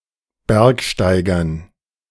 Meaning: dative plural of Bergsteiger
- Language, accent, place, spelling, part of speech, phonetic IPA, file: German, Germany, Berlin, Bergsteigern, noun, [ˈbɛʁkʃtaɪ̯ɡɐn], De-Bergsteigern.ogg